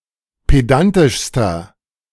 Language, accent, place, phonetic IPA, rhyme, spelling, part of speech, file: German, Germany, Berlin, [ˌpeˈdantɪʃstɐ], -antɪʃstɐ, pedantischster, adjective, De-pedantischster.ogg
- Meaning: inflection of pedantisch: 1. strong/mixed nominative masculine singular superlative degree 2. strong genitive/dative feminine singular superlative degree 3. strong genitive plural superlative degree